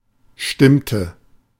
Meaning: inflection of stimmen: 1. first/third-person singular preterite 2. first/third-person singular subjunctive II
- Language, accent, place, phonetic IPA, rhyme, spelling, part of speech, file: German, Germany, Berlin, [ˈʃtɪmtə], -ɪmtə, stimmte, verb, De-stimmte.ogg